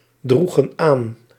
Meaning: inflection of aandragen: 1. plural past indicative 2. plural past subjunctive
- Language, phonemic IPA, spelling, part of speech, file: Dutch, /ˈdruɣə(n) ˈan/, droegen aan, verb, Nl-droegen aan.ogg